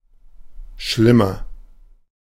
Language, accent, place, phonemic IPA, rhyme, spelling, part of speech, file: German, Germany, Berlin, /ˈʃlɪmɐ/, -ɪmɐ, schlimmer, adverb / adjective, De-schlimmer.ogg
- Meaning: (adverb) worse; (adjective) inflection of schlimm: 1. strong/mixed nominative masculine singular 2. strong genitive/dative feminine singular 3. strong genitive plural